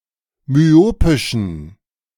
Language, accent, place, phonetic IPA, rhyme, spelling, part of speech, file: German, Germany, Berlin, [myˈoːpɪʃn̩], -oːpɪʃn̩, myopischen, adjective, De-myopischen.ogg
- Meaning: inflection of myopisch: 1. strong genitive masculine/neuter singular 2. weak/mixed genitive/dative all-gender singular 3. strong/weak/mixed accusative masculine singular 4. strong dative plural